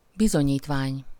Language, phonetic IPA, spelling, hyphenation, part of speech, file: Hungarian, [ˈbizoɲiːtvaːɲ], bizonyítvány, bi‧zo‧nyít‧vány, noun, Hu-bizonyítvány.ogg
- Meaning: 1. certificate 2. report card (school report, a document stating which grades a student earned, at the end of a term of regular period)